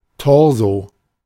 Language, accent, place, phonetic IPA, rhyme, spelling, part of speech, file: German, Germany, Berlin, [ˈtɔʁzo], -ɔʁzo, Torso, noun, De-Torso.ogg
- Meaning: torso